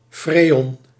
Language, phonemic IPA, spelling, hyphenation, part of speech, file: Dutch, /ˈfreːɔn/, freon, fre‧on, noun, Nl-freon.ogg
- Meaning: Freon